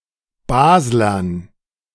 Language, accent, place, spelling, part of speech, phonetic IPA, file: German, Germany, Berlin, Baslern, noun, [ˈbaːzlɐn], De-Baslern.ogg
- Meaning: dative plural of Basler